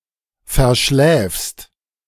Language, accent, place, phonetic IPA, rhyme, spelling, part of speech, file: German, Germany, Berlin, [fɛɐ̯ˈʃlɛːfst], -ɛːfst, verschläfst, verb, De-verschläfst.ogg
- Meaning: second-person singular present of verschlafen